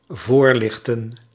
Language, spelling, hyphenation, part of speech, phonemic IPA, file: Dutch, voorlichten, voor‧lich‧ten, verb, /ˈvoːrˌlɪx.tə(n)/, Nl-voorlichten.ogg
- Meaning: 1. to raise awareness, to educate, to inform 2. to guide with light, to shine light in front of